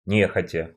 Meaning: unwillingly
- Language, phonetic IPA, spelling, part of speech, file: Russian, [ˈnʲexətʲə], нехотя, adverb, Ru-не́хотя.ogg